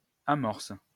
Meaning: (noun) 1. bait (used to catch fish) 2. primer (substance used to start a fire) 3. bait 4. primer (strand); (verb) inflection of amorcer: first/third-person singular present indicative/subjunctive
- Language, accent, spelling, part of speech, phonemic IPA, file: French, France, amorce, noun / verb, /a.mɔʁs/, LL-Q150 (fra)-amorce.wav